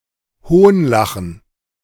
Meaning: 1. to laugh mockingly 2. to mock, to make a mockery of
- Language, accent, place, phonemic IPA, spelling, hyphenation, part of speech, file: German, Germany, Berlin, /ˈhoːnˌlaxn̩/, hohnlachen, hohn‧la‧chen, verb, De-hohnlachen.ogg